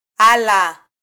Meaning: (noun) 1. tool, instrument 2. sheath, scabbard; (interjection) Used to express surprise or shock: oh! is that so?
- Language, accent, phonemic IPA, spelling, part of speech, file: Swahili, Kenya, /ˈɑ.lɑ/, ala, noun / interjection, Sw-ke-ala.flac